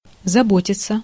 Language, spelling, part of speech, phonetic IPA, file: Russian, заботиться, verb, [zɐˈbotʲɪt͡sə], Ru-заботиться.ogg
- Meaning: 1. to care, to take care, to look after 2. to worry, to be anxious, to trouble 3. passive of забо́тить (zabótitʹ)